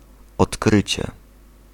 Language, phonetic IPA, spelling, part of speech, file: Polish, [ɔtˈkrɨt͡ɕɛ], odkrycie, noun, Pl-odkrycie.ogg